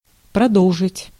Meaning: 1. to continue, to proceed (with), to go on 2. to keep on
- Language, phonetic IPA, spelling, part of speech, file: Russian, [prɐˈdoɫʐɨtʲ], продолжить, verb, Ru-продолжить.ogg